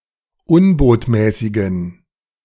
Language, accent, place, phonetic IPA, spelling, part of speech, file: German, Germany, Berlin, [ˈʊnboːtmɛːsɪɡn̩], unbotmäßigen, adjective, De-unbotmäßigen.ogg
- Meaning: inflection of unbotmäßig: 1. strong genitive masculine/neuter singular 2. weak/mixed genitive/dative all-gender singular 3. strong/weak/mixed accusative masculine singular 4. strong dative plural